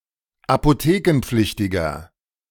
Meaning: inflection of apothekenpflichtig: 1. strong/mixed nominative masculine singular 2. strong genitive/dative feminine singular 3. strong genitive plural
- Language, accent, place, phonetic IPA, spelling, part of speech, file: German, Germany, Berlin, [apoˈteːkn̩ˌp͡flɪçtɪɡɐ], apothekenpflichtiger, adjective, De-apothekenpflichtiger.ogg